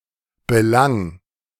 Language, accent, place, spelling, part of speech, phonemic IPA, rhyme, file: German, Germany, Berlin, Belang, noun, /bəˈlaŋ/, -aŋ, De-Belang.ogg
- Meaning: relevance, importance, significance